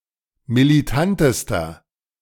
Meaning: inflection of militant: 1. strong/mixed nominative masculine singular superlative degree 2. strong genitive/dative feminine singular superlative degree 3. strong genitive plural superlative degree
- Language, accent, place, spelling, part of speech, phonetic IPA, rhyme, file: German, Germany, Berlin, militantester, adjective, [miliˈtantəstɐ], -antəstɐ, De-militantester.ogg